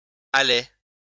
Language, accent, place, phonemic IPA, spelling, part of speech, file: French, France, Lyon, /a.le/, allai, verb, LL-Q150 (fra)-allai.wav
- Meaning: first-person singular past historic of aller